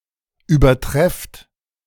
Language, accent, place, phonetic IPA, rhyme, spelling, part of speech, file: German, Germany, Berlin, [yːbɐˈtʁɛft], -ɛft, übertrefft, verb, De-übertrefft.ogg
- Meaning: inflection of übertreffen: 1. second-person plural present 2. plural imperative